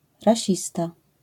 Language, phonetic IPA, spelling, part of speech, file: Polish, [raˈɕista], rasista, noun, LL-Q809 (pol)-rasista.wav